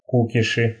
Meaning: nominative/accusative plural of ку́киш (kúkiš)
- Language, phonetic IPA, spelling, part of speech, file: Russian, [ˈkukʲɪʂɨ], кукиши, noun, Ru-ку́киши.ogg